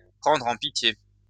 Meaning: to take pity on
- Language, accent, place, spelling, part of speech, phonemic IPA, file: French, France, Lyon, prendre en pitié, verb, /pʁɑ̃dʁ ɑ̃ pi.tje/, LL-Q150 (fra)-prendre en pitié.wav